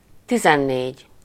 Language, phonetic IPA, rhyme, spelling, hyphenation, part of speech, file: Hungarian, [ˈtizɛnːeːɟ], -eːɟ, tizennégy, ti‧zen‧négy, numeral, Hu-tizennégy.ogg
- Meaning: fourteen